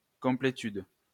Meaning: completeness
- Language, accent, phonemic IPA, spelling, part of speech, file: French, France, /kɔ̃.ple.tyd/, complétude, noun, LL-Q150 (fra)-complétude.wav